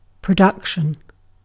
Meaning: 1. The act of producing, making or creating something 2. The act of bringing something forward, out, etc., for use or consideration 3. The act of being produced 4. The total amount produced
- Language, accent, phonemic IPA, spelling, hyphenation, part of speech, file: English, UK, /pɹəˈdʌkʃn̩/, production, pro‧duc‧tion, noun, En-uk-production.ogg